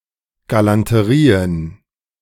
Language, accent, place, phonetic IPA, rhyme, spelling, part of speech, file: German, Germany, Berlin, [ɡalantəˈʁiːən], -iːən, Galanterien, noun, De-Galanterien.ogg
- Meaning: plural of Galanterie